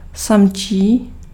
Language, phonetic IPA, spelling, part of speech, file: Czech, [ˈsamt͡ʃiː], samčí, adjective, Cs-samčí.ogg
- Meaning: male (of animals and plants)